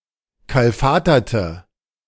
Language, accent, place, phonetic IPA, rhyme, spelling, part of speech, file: German, Germany, Berlin, [ˌkalˈfaːtɐtə], -aːtɐtə, kalfaterte, adjective / verb, De-kalfaterte.ogg
- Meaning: inflection of kalfatern: 1. first/third-person singular preterite 2. first/third-person singular subjunctive II